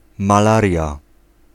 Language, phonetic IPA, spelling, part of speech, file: Polish, [maˈlarʲja], malaria, noun, Pl-malaria.ogg